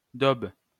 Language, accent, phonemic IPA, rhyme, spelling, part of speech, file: French, France, /dob/, -ob, daube, noun / verb, LL-Q150 (fra)-daube.wav
- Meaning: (noun) 1. stew, casserole; daube 2. crap; crappiness (something of low quality); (verb) inflection of dauber: first/third-person singular present indicative/subjunctive